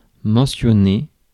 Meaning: to mention
- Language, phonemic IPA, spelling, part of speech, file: French, /mɑ̃.sjɔ.ne/, mentionner, verb, Fr-mentionner.ogg